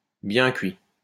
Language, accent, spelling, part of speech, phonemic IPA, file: French, France, bien cuit, adjective, /bjɛ̃ kɥi/, LL-Q150 (fra)-bien cuit.wav
- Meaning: well done